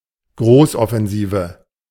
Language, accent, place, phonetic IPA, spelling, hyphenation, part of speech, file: German, Germany, Berlin, [ˈɡʁoːsɔfɛnˌziːvə], Großoffensive, Groß‧of‧fen‧si‧ve, noun, De-Großoffensive.ogg
- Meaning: major offensive